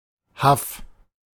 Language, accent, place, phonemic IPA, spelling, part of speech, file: German, Germany, Berlin, /haf/, Haff, noun, De-Haff.ogg
- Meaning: a lagoon behind a spit or narrow island, especially in the Baltic Sea